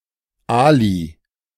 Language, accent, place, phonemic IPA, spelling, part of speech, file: German, Germany, Berlin, /ˈaːli/, Ali, proper noun / noun, De-Ali.ogg
- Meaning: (proper noun) Ali (name); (noun) a Muslim, especially Turkish, immigrant (or descendant of immigrants)